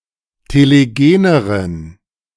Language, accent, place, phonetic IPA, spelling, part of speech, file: German, Germany, Berlin, [teleˈɡeːnəʁən], telegeneren, adjective, De-telegeneren.ogg
- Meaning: inflection of telegen: 1. strong genitive masculine/neuter singular comparative degree 2. weak/mixed genitive/dative all-gender singular comparative degree